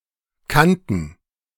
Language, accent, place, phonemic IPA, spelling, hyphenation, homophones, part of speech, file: German, Germany, Berlin, /ˈkantn̩/, Kanten, Kan‧ten, kannten, noun, De-Kanten.ogg
- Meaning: 1. (of bread) crust; heel 2. plural of Kante